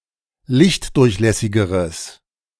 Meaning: strong/mixed nominative/accusative neuter singular comparative degree of lichtdurchlässig
- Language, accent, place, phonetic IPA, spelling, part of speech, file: German, Germany, Berlin, [ˈlɪçtˌdʊʁçlɛsɪɡəʁəs], lichtdurchlässigeres, adjective, De-lichtdurchlässigeres.ogg